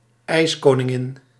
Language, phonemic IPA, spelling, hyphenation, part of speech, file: Dutch, /ˈɛi̯s.koː.nɪˌŋɪn/, ijskoningin, ijs‧ko‧nin‧gin, noun, Nl-ijskoningin.ogg
- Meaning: 1. ice queen (fairytale character) 2. ice queen (sportswoman excelling at winter sports)